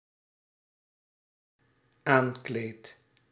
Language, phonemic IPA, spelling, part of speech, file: Dutch, /ˈaŋklet/, aankleedt, verb, Nl-aankleedt.ogg
- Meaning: second/third-person singular dependent-clause present indicative of aankleden